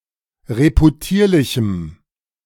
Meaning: strong dative masculine/neuter singular of reputierlich
- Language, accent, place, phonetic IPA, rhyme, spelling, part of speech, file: German, Germany, Berlin, [ʁepuˈtiːɐ̯lɪçm̩], -iːɐ̯lɪçm̩, reputierlichem, adjective, De-reputierlichem.ogg